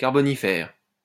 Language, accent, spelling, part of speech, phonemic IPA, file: French, France, carbonifère, adjective, /kaʁ.bɔ.ni.fɛʁ/, LL-Q150 (fra)-carbonifère.wav
- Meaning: Carboniferous